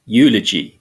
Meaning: 1. An oration to honor a deceased person, usually at a funeral 2. Speaking highly of someone or something; the act of praising or commending someone or something
- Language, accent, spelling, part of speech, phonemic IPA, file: English, UK, eulogy, noun, /ˈjuː.lə.d͡ʒi/, En-uk-eulogy.ogg